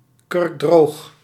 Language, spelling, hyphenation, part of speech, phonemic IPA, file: Dutch, kurkdroog, kurk‧droog, adjective, /kʏrkˈdroːx/, Nl-kurkdroog.ogg
- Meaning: bone-dry (very dry)